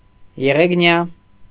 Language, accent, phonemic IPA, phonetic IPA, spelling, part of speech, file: Armenian, Eastern Armenian, /jeʁeɡˈnjɑ/, [jeʁeɡnjɑ́], եղեգնյա, adjective, Hy-եղեգնյա.ogg
- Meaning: made of reed